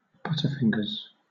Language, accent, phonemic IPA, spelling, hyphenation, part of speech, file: English, Southern England, /ˈbʌtəˌfɪŋɡəz/, butterfingers, but‧ter‧fing‧ers, noun, LL-Q1860 (eng)-butterfingers.wav
- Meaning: 1. Someone who tends to drop things; (more generally) someone who is clumsy or uncoordinated; a klutz 2. One's fingers which tend to drop things, or are clumsy or uncoordinated